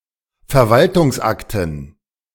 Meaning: dative plural of Verwaltungsakt
- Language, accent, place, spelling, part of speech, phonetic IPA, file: German, Germany, Berlin, Verwaltungsakten, noun, [fɛɐ̯ˈvaltʊŋsˌʔaktn̩], De-Verwaltungsakten.ogg